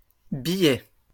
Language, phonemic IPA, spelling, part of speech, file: French, /bi.jɛ/, billets, noun, LL-Q150 (fra)-billets.wav
- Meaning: plural of billet